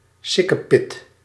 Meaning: very little, next to nothing
- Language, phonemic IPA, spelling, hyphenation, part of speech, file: Dutch, /ˈsɪ.kəˌpɪt/, sikkepit, sik‧ke‧pit, noun, Nl-sikkepit.ogg